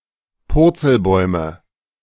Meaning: nominative/accusative/genitive plural of Purzelbaum
- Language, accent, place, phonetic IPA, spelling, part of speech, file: German, Germany, Berlin, [ˈpʊʁt͡səlˌbɔɪ̯mə], Purzelbäume, noun, De-Purzelbäume.ogg